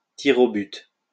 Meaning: penalty shootout; penalties
- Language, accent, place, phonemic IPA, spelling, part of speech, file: French, France, Lyon, /ti.ʁ‿o byt/, tirs au but, noun, LL-Q150 (fra)-tirs au but.wav